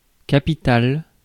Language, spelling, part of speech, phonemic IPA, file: French, capital, noun / adjective, /ka.pi.tal/, Fr-capital.ogg
- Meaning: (noun) capital (money and wealth); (adjective) capital (important)